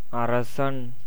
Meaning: 1. king, sovereign, prince 2. king 3. Jupiter
- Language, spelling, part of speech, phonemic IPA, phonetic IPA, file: Tamil, அரசன், noun, /ɐɾɐtʃɐn/, [ɐɾɐsɐn], Ta-அரசன்.ogg